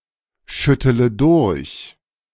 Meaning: inflection of durchschütteln: 1. first-person singular present 2. first-person plural subjunctive I 3. third-person singular subjunctive I 4. singular imperative
- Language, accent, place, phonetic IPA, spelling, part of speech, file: German, Germany, Berlin, [ˌʃʏtələ ˈdʊʁç], schüttele durch, verb, De-schüttele durch.ogg